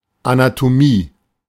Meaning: 1. Anatomy, study of the structure of living beings 2. Dissection 3. Structural makeup of an organism or parts thereof 4. Treatise on the science of anatomy
- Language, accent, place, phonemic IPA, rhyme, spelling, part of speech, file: German, Germany, Berlin, /ʔanatoˈmiː/, -iː, Anatomie, noun, De-Anatomie.ogg